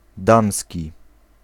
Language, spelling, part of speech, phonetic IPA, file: Polish, damski, adjective, [ˈdãmsʲci], Pl-damski.ogg